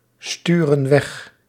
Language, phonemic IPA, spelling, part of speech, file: Dutch, /ˈstyrə(n) ˈwɛx/, sturen weg, verb, Nl-sturen weg.ogg
- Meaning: inflection of wegsturen: 1. plural present indicative 2. plural present subjunctive